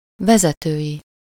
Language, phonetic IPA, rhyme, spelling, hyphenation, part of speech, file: Hungarian, [ˈvɛzɛtøːji], -ji, vezetői, ve‧ze‧tői, adjective / noun, Hu-vezetői.ogg
- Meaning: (adjective) of or pertaining to leadership; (noun) third-person singular multiple-possession possessive of vezető